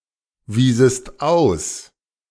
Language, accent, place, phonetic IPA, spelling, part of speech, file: German, Germany, Berlin, [ˌviːzəst ˈaʊ̯s], wiesest aus, verb, De-wiesest aus.ogg
- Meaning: second-person singular subjunctive II of ausweisen